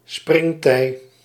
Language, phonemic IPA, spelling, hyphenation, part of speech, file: Dutch, /ˈsprɪŋ.tɛi̯/, springtij, spring‧tij, noun, Nl-springtij.ogg
- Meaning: spring tide